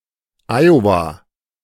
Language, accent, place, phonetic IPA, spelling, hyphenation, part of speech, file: German, Germany, Berlin, [ˈaɪ̯ova], Iowa, Io‧wa, proper noun, De-Iowa.ogg
- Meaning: Iowa (a state in the Midwestern region of the United States)